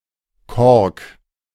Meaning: cork (material)
- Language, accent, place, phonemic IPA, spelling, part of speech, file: German, Germany, Berlin, /kɔʁk/, Kork, noun, De-Kork.ogg